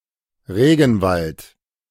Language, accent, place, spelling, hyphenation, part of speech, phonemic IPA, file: German, Germany, Berlin, Regenwald, Re‧gen‧wald, noun, /ˈʁeːɡn̩ˌvalt/, De-Regenwald.ogg
- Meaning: rainforest